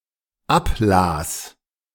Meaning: first/third-person singular dependent preterite of ablesen
- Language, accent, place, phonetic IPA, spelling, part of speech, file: German, Germany, Berlin, [ˈapˌlaːs], ablas, verb, De-ablas.ogg